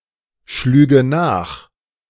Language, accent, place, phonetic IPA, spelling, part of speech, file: German, Germany, Berlin, [ˌʃlyːɡə ˈnaːx], schlüge nach, verb, De-schlüge nach.ogg
- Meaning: first/third-person singular subjunctive II of nachschlagen